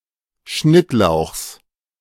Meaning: genitive of Schnittlauch
- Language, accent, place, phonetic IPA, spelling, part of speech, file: German, Germany, Berlin, [ˈʃnɪtˌlaʊ̯xs], Schnittlauchs, noun, De-Schnittlauchs.ogg